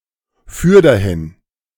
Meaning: furthermore
- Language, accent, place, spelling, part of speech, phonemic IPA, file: German, Germany, Berlin, fürderhin, adverb, /ˈfʏʁ.dɐˌhɪn/, De-fürderhin.ogg